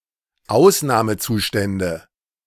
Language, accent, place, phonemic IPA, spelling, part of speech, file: German, Germany, Berlin, /ˈʔaʊ̯snaːməˌtsuːʃtɛndə/, Ausnahmezustände, noun, De-Ausnahmezustände.ogg
- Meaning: nominative/accusative/genitive plural of Ausnahmezustand